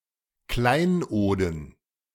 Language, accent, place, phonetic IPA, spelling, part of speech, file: German, Germany, Berlin, [ˈklaɪ̯nˌʔoːdn̩], Kleinoden, noun, De-Kleinoden.ogg
- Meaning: dative plural of Kleinod